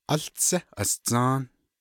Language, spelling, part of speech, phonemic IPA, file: Navajo, Áłtsé Asdzą́ą́, proper noun, /ʔɑ́ɬt͡sʰɛ́ ʔɑ̀st͡sɑ̃́ː/, Nv-Áłtsé Asdzą́ą́.ogg
- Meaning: First Woman